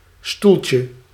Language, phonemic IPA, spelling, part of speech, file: Dutch, /ˈstuɫcjə/, stoeltje, noun, Nl-stoeltje.ogg
- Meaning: diminutive of stoel